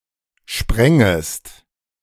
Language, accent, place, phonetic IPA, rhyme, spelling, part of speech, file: German, Germany, Berlin, [ˈʃpʁɛŋəst], -ɛŋəst, sprengest, verb, De-sprengest.ogg
- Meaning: second-person singular subjunctive I of sprengen